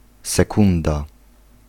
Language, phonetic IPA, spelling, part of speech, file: Polish, [sɛˈkũnda], sekunda, noun, Pl-sekunda.ogg